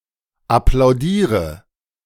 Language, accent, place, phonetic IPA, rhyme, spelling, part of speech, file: German, Germany, Berlin, [aplaʊ̯ˈdiːʁə], -iːʁə, applaudiere, verb, De-applaudiere.ogg
- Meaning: inflection of applaudieren: 1. first-person singular present 2. singular imperative 3. first/third-person singular subjunctive I